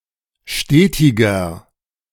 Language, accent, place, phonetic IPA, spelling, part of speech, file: German, Germany, Berlin, [ˈʃteːtɪɡɐ], stetiger, adjective, De-stetiger.ogg
- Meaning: inflection of stetig: 1. strong/mixed nominative masculine singular 2. strong genitive/dative feminine singular 3. strong genitive plural